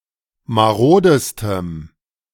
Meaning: strong dative masculine/neuter singular superlative degree of marode
- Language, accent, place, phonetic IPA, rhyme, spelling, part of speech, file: German, Germany, Berlin, [maˈʁoːdəstəm], -oːdəstəm, marodestem, adjective, De-marodestem.ogg